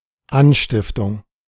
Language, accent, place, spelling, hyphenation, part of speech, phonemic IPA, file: German, Germany, Berlin, Anstiftung, An‧stif‧tung, noun, /ˈanʃtɪftʊŋ/, De-Anstiftung.ogg
- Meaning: incitement